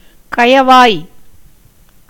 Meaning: estuary
- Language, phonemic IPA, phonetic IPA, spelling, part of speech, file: Tamil, /kɐjɐʋɑːj/, [kɐjɐʋäːj], கயவாய், noun, Ta-கயவாய்.ogg